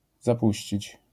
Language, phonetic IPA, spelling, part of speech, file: Polish, [zaˈpuɕt͡ɕit͡ɕ], zapuścić, verb, LL-Q809 (pol)-zapuścić.wav